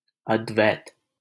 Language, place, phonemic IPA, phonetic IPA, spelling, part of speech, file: Hindi, Delhi, /əd̪.ʋɛːt̪/, [ɐd̪.wɛːt̪], अद्वैत, noun / proper noun, LL-Q1568 (hin)-अद्वैत.wav
- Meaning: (noun) 1. absolute oneness, one without a second, non-duality 2. monism; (proper noun) 1. advaita vedanta (a branch of Hinduism) 2. a male given name, Advait, from Sanskrit